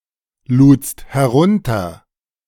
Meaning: second-person singular preterite of herunterladen
- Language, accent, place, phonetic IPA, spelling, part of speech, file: German, Germany, Berlin, [ˌluːt͡st hɛˈʁʊntɐ], ludst herunter, verb, De-ludst herunter.ogg